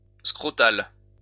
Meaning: scrotal
- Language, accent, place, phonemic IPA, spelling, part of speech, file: French, France, Lyon, /skʁɔ.tal/, scrotal, adjective, LL-Q150 (fra)-scrotal.wav